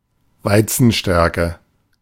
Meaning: starch made of wheat; wheat starch
- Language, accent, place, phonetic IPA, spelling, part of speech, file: German, Germany, Berlin, [ˈvaɪ̯t͡sn̩ˌʃtɛʁkə], Weizenstärke, noun, De-Weizenstärke.ogg